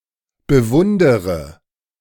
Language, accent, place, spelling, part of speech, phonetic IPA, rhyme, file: German, Germany, Berlin, bewundere, verb, [bəˈvʊndəʁə], -ʊndəʁə, De-bewundere.ogg
- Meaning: inflection of bewundern: 1. first-person singular present 2. first/third-person singular subjunctive I 3. singular imperative